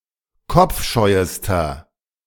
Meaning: inflection of kopfscheu: 1. strong/mixed nominative masculine singular superlative degree 2. strong genitive/dative feminine singular superlative degree 3. strong genitive plural superlative degree
- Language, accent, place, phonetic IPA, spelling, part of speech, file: German, Germany, Berlin, [ˈkɔp͡fˌʃɔɪ̯əstɐ], kopfscheuester, adjective, De-kopfscheuester.ogg